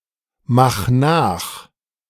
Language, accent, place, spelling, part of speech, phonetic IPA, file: German, Germany, Berlin, mach nach, verb, [ˌmax ˈnaːx], De-mach nach.ogg
- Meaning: 1. singular imperative of nachmachen 2. first-person singular present of nachmachen